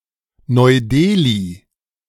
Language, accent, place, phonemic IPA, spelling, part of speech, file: German, Germany, Berlin, /nɔɪ̯ˈdeːli/, Neu-Delhi, proper noun, De-Neu-Delhi.ogg
- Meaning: New Delhi (the capital city of India, located in the national capital territory of Delhi)